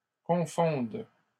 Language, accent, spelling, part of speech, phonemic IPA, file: French, Canada, confondes, verb, /kɔ̃.fɔ̃d/, LL-Q150 (fra)-confondes.wav
- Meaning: second-person singular present subjunctive of confondre